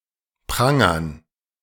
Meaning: dative plural of Pranger
- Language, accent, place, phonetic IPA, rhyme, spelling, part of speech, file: German, Germany, Berlin, [ˈpʁaŋɐn], -aŋɐn, Prangern, noun, De-Prangern.ogg